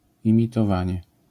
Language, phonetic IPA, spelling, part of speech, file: Polish, [ˌĩmʲitɔˈvãɲɛ], imitowanie, noun, LL-Q809 (pol)-imitowanie.wav